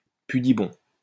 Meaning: prudish
- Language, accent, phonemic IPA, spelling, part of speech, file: French, France, /py.di.bɔ̃/, pudibond, adjective, LL-Q150 (fra)-pudibond.wav